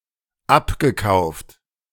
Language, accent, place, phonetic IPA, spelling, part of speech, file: German, Germany, Berlin, [ˈapɡəˌkaʊ̯ft], abgekauft, verb, De-abgekauft.ogg
- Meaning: past participle of abkaufen